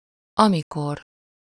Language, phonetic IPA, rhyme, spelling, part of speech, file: Hungarian, [ˈɒmikor], -or, amikor, adverb, Hu-amikor.ogg
- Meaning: when